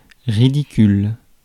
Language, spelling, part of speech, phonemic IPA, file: French, ridicule, adjective / noun, /ʁi.di.kyl/, Fr-ridicule.ogg
- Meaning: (adjective) ridiculous (all meanings); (noun) ridicule; absurd